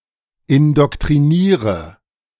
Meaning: inflection of indoktrinieren: 1. first-person singular present 2. singular imperative 3. first/third-person singular subjunctive I
- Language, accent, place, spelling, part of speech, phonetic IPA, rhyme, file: German, Germany, Berlin, indoktriniere, verb, [ɪndɔktʁiˈniːʁə], -iːʁə, De-indoktriniere.ogg